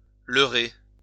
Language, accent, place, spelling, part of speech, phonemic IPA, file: French, France, Lyon, leurrer, verb, /lœ.ʁe/, LL-Q150 (fra)-leurrer.wav
- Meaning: to deceive, lure